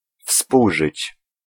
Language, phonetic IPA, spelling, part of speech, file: Polish, [ˈfspuwʒɨt͡ɕ], współżyć, verb, Pl-współżyć.ogg